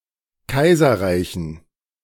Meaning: dative plural of Kaiserreich
- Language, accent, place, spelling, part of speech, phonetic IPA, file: German, Germany, Berlin, Kaiserreichen, noun, [ˈkaɪ̯zɐˌʁaɪ̯çn̩], De-Kaiserreichen.ogg